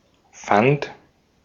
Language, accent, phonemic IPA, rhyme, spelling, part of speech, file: German, Austria, /fant/, -ant, fand, verb, De-at-fand.ogg
- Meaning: first/third-person singular preterite of finden